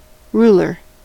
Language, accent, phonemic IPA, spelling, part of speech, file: English, US, /ˈɹulɚ/, ruler, noun / verb, En-us-ruler.ogg
- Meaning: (noun) A (usually rigid), flat, rectangular measuring or drawing device with graduations in units of measurement; a straightedge with markings